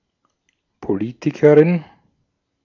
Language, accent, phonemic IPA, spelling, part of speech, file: German, Austria, /poˈliːtɪkəʁɪn/, Politikerin, noun, De-at-Politikerin.ogg
- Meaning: female equivalent of Politiker (“politician”)